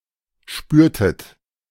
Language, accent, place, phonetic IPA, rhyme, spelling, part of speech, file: German, Germany, Berlin, [ˈʃpyːɐ̯tət], -yːɐ̯tət, spürtet, verb, De-spürtet.ogg
- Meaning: inflection of spüren: 1. second-person plural preterite 2. second-person plural subjunctive II